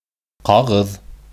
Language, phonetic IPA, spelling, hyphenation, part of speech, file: Bashkir, [qɑˈʁɯ̞ð], ҡағыҙ, ҡа‧ғыҙ, noun, Ba-ҡағыҙ.ogg
- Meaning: 1. paper 2. document